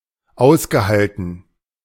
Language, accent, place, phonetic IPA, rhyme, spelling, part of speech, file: German, Germany, Berlin, [ˈaʊ̯sɡəˌhaltn̩], -aʊ̯sɡəhaltn̩, ausgehalten, verb, De-ausgehalten.ogg
- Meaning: past participle of aushalten